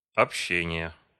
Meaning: inflection of обще́ние (obščénije): 1. genitive singular 2. nominative/accusative plural
- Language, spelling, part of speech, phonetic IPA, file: Russian, общения, noun, [ɐpˈɕːenʲɪjə], Ru-общения.ogg